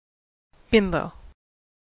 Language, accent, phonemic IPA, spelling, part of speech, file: English, US, /ˈbɪmboʊ/, bimbo, noun, En-us-bimbo.ogg
- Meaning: 1. A physically attractive person, typically a woman or otherwise feminine in appearance, who lacks intelligence 2. A stupid or foolish person